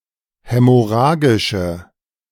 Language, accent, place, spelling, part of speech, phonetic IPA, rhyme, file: German, Germany, Berlin, hämorrhagische, adjective, [ˌhɛmɔˈʁaːɡɪʃə], -aːɡɪʃə, De-hämorrhagische.ogg
- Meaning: inflection of hämorrhagisch: 1. strong/mixed nominative/accusative feminine singular 2. strong nominative/accusative plural 3. weak nominative all-gender singular